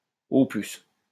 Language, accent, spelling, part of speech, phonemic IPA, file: French, France, au plus, adverb, /o plys/, LL-Q150 (fra)-au plus.wav
- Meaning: at most, tops, at the very most, at the outside